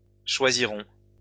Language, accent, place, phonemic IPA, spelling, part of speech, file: French, France, Lyon, /ʃwa.zi.ʁɔ̃/, choisiront, verb, LL-Q150 (fra)-choisiront.wav
- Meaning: third-person plural future of choisir